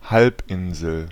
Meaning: peninsula
- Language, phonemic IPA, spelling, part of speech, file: German, /ˈhalpʔɪnzl/, Halbinsel, noun, De-Halbinsel.ogg